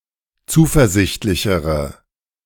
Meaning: inflection of zuversichtlich: 1. strong/mixed nominative/accusative feminine singular comparative degree 2. strong nominative/accusative plural comparative degree
- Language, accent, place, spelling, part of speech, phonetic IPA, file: German, Germany, Berlin, zuversichtlichere, adjective, [ˈt͡suːfɛɐ̯ˌzɪçtlɪçəʁə], De-zuversichtlichere.ogg